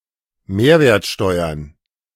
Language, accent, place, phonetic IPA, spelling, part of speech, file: German, Germany, Berlin, [ˈmeːɐ̯veːɐ̯tˌʃtɔɪ̯ɐn], Mehrwertsteuern, noun, De-Mehrwertsteuern.ogg
- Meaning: plural of Mehrwertsteuer